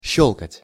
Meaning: 1. to click (to make a clicking sound) 2. to crack, to click, to snap, etc 3. to flick, to fillip (someone) 4. to crack (nuts) 5. to warble (of a bird)
- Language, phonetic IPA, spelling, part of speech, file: Russian, [ˈɕːɵɫkətʲ], щёлкать, verb, Ru-щёлкать.ogg